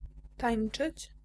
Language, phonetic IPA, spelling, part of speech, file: Polish, [ˈtãj̃n͇t͡ʃɨt͡ɕ], tańczyć, verb, Pl-tańczyć.ogg